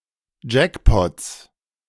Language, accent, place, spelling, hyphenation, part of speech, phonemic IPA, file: German, Germany, Berlin, Jackpots, Jack‧pots, noun, /ˈd͡ʒɛkpɔts/, De-Jackpots.ogg
- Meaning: inflection of Jackpot: 1. genitive singular 2. plural all cases